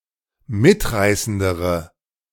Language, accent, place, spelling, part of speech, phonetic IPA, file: German, Germany, Berlin, mitreißendere, adjective, [ˈmɪtˌʁaɪ̯səndəʁə], De-mitreißendere.ogg
- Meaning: inflection of mitreißend: 1. strong/mixed nominative/accusative feminine singular comparative degree 2. strong nominative/accusative plural comparative degree